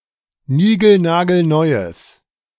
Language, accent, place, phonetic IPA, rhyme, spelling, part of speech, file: German, Germany, Berlin, [ˈniːɡl̩naːɡl̩ˈnɔɪ̯əs], -ɔɪ̯əs, nigelnagelneues, adjective, De-nigelnagelneues.ogg
- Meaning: strong/mixed nominative/accusative neuter singular of nigelnagelneu